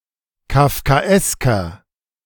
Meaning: inflection of kafkaesk: 1. strong/mixed nominative masculine singular 2. strong genitive/dative feminine singular 3. strong genitive plural
- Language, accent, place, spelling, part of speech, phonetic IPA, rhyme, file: German, Germany, Berlin, kafkaesker, adjective, [kafkaˈʔɛskɐ], -ɛskɐ, De-kafkaesker.ogg